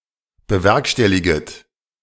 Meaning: second-person plural subjunctive I of bewerkstelligen
- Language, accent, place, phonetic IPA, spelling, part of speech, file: German, Germany, Berlin, [bəˈvɛʁkʃtɛliɡət], bewerkstelliget, verb, De-bewerkstelliget.ogg